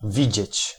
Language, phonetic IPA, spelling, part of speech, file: Polish, [ˈvʲid͡ʑɛ̇t͡ɕ], widzieć, verb, Pl-widzieć.ogg